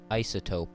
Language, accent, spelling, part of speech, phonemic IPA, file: English, US, isotope, noun, /ˈaɪ.sə.toʊp/, En-us-isotope.ogg